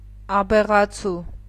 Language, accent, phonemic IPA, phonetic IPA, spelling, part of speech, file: Armenian, Eastern Armenian, /ɑbeʁɑˈt͡sʰu/, [ɑbeʁɑt͡sʰú], աբեղացու, noun, Hy-աբեղացու.ogg
- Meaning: 1. abegha candidate (one preparing to become an abegha) 2. coward, craven, wimp